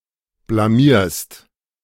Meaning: second-person singular present of blamieren
- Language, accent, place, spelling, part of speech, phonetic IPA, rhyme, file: German, Germany, Berlin, blamierst, verb, [blaˈmiːɐ̯st], -iːɐ̯st, De-blamierst.ogg